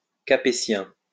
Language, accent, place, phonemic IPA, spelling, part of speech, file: French, France, Lyon, /ka.pe.sjɛ̃/, capétien, adjective, LL-Q150 (fra)-capétien.wav
- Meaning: Capetian